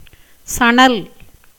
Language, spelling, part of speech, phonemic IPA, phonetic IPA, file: Tamil, சணல், noun, /tʃɐɳɐl/, [sɐɳɐl], Ta-சணல்.ogg
- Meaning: jute, hemp, flax, Crotalaria juncea